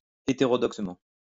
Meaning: 1. heterodoxly 2. unorthodoxly
- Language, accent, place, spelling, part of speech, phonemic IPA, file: French, France, Lyon, hétérodoxement, adverb, /e.te.ʁɔ.dɔk.sə.mɑ̃/, LL-Q150 (fra)-hétérodoxement.wav